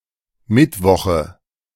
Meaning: nominative/accusative/genitive plural of Mittwoch
- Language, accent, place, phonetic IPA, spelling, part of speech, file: German, Germany, Berlin, [ˈmɪtˌvɔxə], Mittwoche, noun, De-Mittwoche.ogg